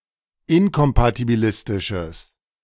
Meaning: strong/mixed nominative/accusative neuter singular of inkompatibilistisch
- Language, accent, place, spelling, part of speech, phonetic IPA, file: German, Germany, Berlin, inkompatibilistisches, adjective, [ˈɪnkɔmpatibiˌlɪstɪʃəs], De-inkompatibilistisches.ogg